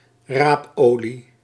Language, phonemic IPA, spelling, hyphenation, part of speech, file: Dutch, /ˈraːpˌoː.li/, raapolie, raap‧olie, noun, Nl-raapolie.ogg
- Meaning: oil from the seed of Brassica rapa subsp. oleifera